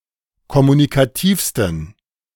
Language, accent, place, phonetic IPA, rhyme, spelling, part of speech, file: German, Germany, Berlin, [kɔmunikaˈtiːfstn̩], -iːfstn̩, kommunikativsten, adjective, De-kommunikativsten.ogg
- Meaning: 1. superlative degree of kommunikativ 2. inflection of kommunikativ: strong genitive masculine/neuter singular superlative degree